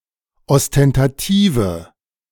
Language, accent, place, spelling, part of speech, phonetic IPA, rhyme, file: German, Germany, Berlin, ostentative, adjective, [ɔstɛntaˈtiːvə], -iːvə, De-ostentative.ogg
- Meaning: inflection of ostentativ: 1. strong/mixed nominative/accusative feminine singular 2. strong nominative/accusative plural 3. weak nominative all-gender singular